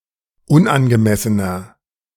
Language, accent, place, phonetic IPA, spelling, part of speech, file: German, Germany, Berlin, [ˈʊnʔanɡəˌmɛsənɐ], unangemessener, adjective, De-unangemessener.ogg
- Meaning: 1. comparative degree of unangemessen 2. inflection of unangemessen: strong/mixed nominative masculine singular 3. inflection of unangemessen: strong genitive/dative feminine singular